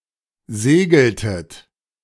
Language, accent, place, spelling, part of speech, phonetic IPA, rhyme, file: German, Germany, Berlin, segeltet, verb, [ˈzeːɡl̩tət], -eːɡl̩tət, De-segeltet.ogg
- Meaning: inflection of segeln: 1. second-person plural preterite 2. second-person plural subjunctive II